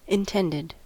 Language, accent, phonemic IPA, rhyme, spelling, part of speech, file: English, US, /ɪnˈtɛndɪd/, -ɛndɪd, intended, adjective / noun / verb, En-us-intended.ogg
- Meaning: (adjective) 1. Planned 2. Made tense; stretched out; extended; forcible; violent; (noun) Fiancé or fiancée; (verb) simple past and past participle of intend